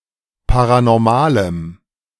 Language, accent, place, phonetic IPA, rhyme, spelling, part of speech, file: German, Germany, Berlin, [ˌpaʁanɔʁˈmaːləm], -aːləm, paranormalem, adjective, De-paranormalem.ogg
- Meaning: strong dative masculine/neuter singular of paranormal